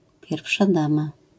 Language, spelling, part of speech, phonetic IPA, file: Polish, pierwsza dama, noun, [ˈpʲjɛrfʃa ˈdãma], LL-Q809 (pol)-pierwsza dama.wav